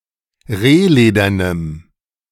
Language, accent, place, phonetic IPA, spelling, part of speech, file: German, Germany, Berlin, [ˈʁeːˌleːdɐnəm], rehledernem, adjective, De-rehledernem.ogg
- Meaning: strong dative masculine/neuter singular of rehledern